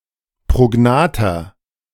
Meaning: inflection of prognath: 1. strong/mixed nominative masculine singular 2. strong genitive/dative feminine singular 3. strong genitive plural
- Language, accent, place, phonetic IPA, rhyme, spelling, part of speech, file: German, Germany, Berlin, [pʁoˈɡnaːtɐ], -aːtɐ, prognather, adjective, De-prognather.ogg